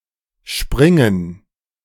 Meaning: 1. to spring; to leap; to bounce 2. to dive; to jump; to vault 3. to break; to burst; to pop 4. to run; to dash
- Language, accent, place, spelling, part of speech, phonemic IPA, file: German, Germany, Berlin, springen, verb, /ˈʃpʁɪŋən/, De-springen2.ogg